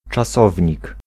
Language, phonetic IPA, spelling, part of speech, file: Polish, [t͡ʃaˈsɔvʲɲik], czasownik, noun, Pl-czasownik.ogg